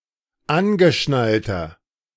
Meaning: inflection of angeschnallt: 1. strong/mixed nominative masculine singular 2. strong genitive/dative feminine singular 3. strong genitive plural
- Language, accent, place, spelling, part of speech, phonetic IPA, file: German, Germany, Berlin, angeschnallter, adjective, [ˈanɡəˌʃnaltɐ], De-angeschnallter.ogg